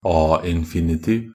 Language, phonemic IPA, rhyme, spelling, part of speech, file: Norwegian Bokmål, /ˈɑː.ɪn.fɪ.nɪˌtiːʋ/, -iːʋ, a-infinitiv, noun, Nb-a-infinitiv.ogg
- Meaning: an infinitive ending in -a; especially a Norwegian infinitive pattern using -a as the infinitive ending, as opposed to e-infinitiv (“e-infinitive”) or kløyvd infinitiv (“split infinitive”)